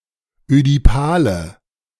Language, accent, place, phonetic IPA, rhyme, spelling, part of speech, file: German, Germany, Berlin, [ødiˈpaːlə], -aːlə, ödipale, adjective, De-ödipale.ogg
- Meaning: inflection of ödipal: 1. strong/mixed nominative/accusative feminine singular 2. strong nominative/accusative plural 3. weak nominative all-gender singular 4. weak accusative feminine/neuter singular